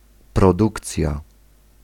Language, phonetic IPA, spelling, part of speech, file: Polish, [prɔˈdukt͡sʲja], produkcja, noun, Pl-produkcja.ogg